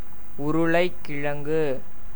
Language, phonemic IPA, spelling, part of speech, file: Tamil, /ʊɾʊɭɐɪ̯kːɪɻɐŋɡɯ/, உருளைக்கிழங்கு, noun, Ta-உருளைக்கிழங்கு.ogg
- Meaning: potato (the edible starchy tuber of the plant species Solanum tuberosum)